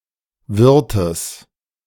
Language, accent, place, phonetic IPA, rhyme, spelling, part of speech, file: German, Germany, Berlin, [ˈvɪʁtəs], -ɪʁtəs, Wirtes, noun, De-Wirtes.ogg
- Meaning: genitive singular of Wirt